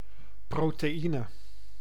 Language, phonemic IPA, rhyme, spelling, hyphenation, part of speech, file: Dutch, /proː.teːˈi.nə/, -inə, proteïne, pro‧te‧ï‧ne, noun, Nl-proteïne.ogg
- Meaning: protein (complex molecule)